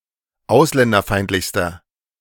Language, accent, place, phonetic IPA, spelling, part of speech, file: German, Germany, Berlin, [ˈaʊ̯slɛndɐˌfaɪ̯ntlɪçstɐ], ausländerfeindlichster, adjective, De-ausländerfeindlichster.ogg
- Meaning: inflection of ausländerfeindlich: 1. strong/mixed nominative masculine singular superlative degree 2. strong genitive/dative feminine singular superlative degree